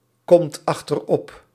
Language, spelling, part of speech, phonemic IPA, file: Dutch, komt achterop, verb, /ˈkɔmt ɑxtərˈɔp/, Nl-komt achterop.ogg
- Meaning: inflection of achteropkomen: 1. second/third-person singular present indicative 2. plural imperative